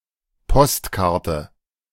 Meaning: postcard
- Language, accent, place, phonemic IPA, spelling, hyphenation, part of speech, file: German, Germany, Berlin, /ˈpɔstˌkaʁtə/, Postkarte, Post‧kar‧te, noun, De-Postkarte.ogg